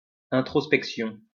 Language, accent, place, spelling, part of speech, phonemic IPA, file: French, France, Lyon, introspection, noun, /ɛ̃.tʁɔs.pɛk.sjɔ̃/, LL-Q150 (fra)-introspection.wav
- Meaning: introspection